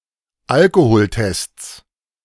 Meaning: 1. genitive singular of Alkoholtest 2. plural of Alkoholtest
- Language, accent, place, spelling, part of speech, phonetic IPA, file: German, Germany, Berlin, Alkoholtests, noun, [ˈalkohoːlˌtɛst͡s], De-Alkoholtests.ogg